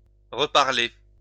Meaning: to talk again, to speak again
- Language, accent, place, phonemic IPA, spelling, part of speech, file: French, France, Lyon, /ʁə.paʁ.le/, reparler, verb, LL-Q150 (fra)-reparler.wav